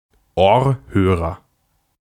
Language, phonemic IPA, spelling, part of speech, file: German, /ˈoːɐ̯ˌhøːʁɐ/, Ohrhörer, noun, De-Ohrhörer.ogg
- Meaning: earphone (sound device held near the ear)